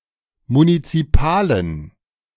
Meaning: inflection of munizipal: 1. strong genitive masculine/neuter singular 2. weak/mixed genitive/dative all-gender singular 3. strong/weak/mixed accusative masculine singular 4. strong dative plural
- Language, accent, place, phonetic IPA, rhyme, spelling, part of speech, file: German, Germany, Berlin, [munit͡siˈpaːlən], -aːlən, munizipalen, adjective, De-munizipalen.ogg